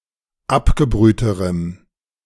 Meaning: strong dative masculine/neuter singular comparative degree of abgebrüht
- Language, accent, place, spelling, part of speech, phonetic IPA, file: German, Germany, Berlin, abgebrühterem, adjective, [ˈapɡəˌbʁyːtəʁəm], De-abgebrühterem.ogg